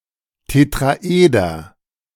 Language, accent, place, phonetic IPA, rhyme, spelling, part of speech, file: German, Germany, Berlin, [tetʁaˈʔeːdɐ], -eːdɐ, Tetraeder, noun, De-Tetraeder.ogg
- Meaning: tetrahedron